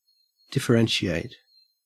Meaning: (verb) 1. To modify so as to create a difference or distinction 2. To show or be the difference or distinction between things 3. To recognize as different or distinct
- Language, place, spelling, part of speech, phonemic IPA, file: English, Queensland, differentiate, verb / noun, /dɪf.əˈɹen.ʃi.æɪt/, En-au-differentiate.ogg